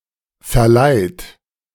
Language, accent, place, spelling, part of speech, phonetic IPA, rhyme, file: German, Germany, Berlin, verleiht, verb, [fɛɐ̯ˈlaɪ̯t], -aɪ̯t, De-verleiht.ogg
- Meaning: inflection of verleihen: 1. third-person singular present 2. second-person plural present